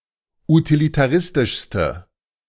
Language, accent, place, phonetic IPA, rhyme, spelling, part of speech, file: German, Germany, Berlin, [utilitaˈʁɪstɪʃstə], -ɪstɪʃstə, utilitaristischste, adjective, De-utilitaristischste.ogg
- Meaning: inflection of utilitaristisch: 1. strong/mixed nominative/accusative feminine singular superlative degree 2. strong nominative/accusative plural superlative degree